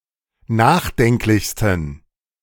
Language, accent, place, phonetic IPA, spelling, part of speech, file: German, Germany, Berlin, [ˈnaːxˌdɛŋklɪçstn̩], nachdenklichsten, adjective, De-nachdenklichsten.ogg
- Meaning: 1. superlative degree of nachdenklich 2. inflection of nachdenklich: strong genitive masculine/neuter singular superlative degree